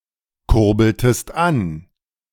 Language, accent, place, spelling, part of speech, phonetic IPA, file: German, Germany, Berlin, kurbeltest an, verb, [ˌkʊʁbl̩təst ˈan], De-kurbeltest an.ogg
- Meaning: inflection of ankurbeln: 1. second-person singular preterite 2. second-person singular subjunctive II